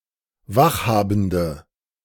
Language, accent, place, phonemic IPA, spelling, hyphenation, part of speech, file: German, Germany, Berlin, /ˈvaxˌhaːbn̩dɐ/, Wachhabende, Wach‧ha‧ben‧de, noun, De-Wachhabende.ogg
- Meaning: 1. female equivalent of Wachhabender: watchwoman 2. inflection of Wachhabender: strong nominative/accusative plural 3. inflection of Wachhabender: weak nominative singular